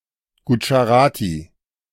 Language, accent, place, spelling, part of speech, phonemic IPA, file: German, Germany, Berlin, Gudscharati, proper noun, /ˌɡudʒaˈʁaːtiː/, De-Gudscharati.ogg
- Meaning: Gujarati